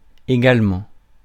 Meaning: 1. equally 2. too; also
- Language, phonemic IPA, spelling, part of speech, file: French, /e.ɡal.mɑ̃/, également, adverb, Fr-également.ogg